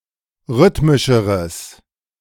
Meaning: strong/mixed nominative/accusative neuter singular comparative degree of rhythmisch
- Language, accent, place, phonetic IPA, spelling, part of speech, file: German, Germany, Berlin, [ˈʁʏtmɪʃəʁəs], rhythmischeres, adjective, De-rhythmischeres.ogg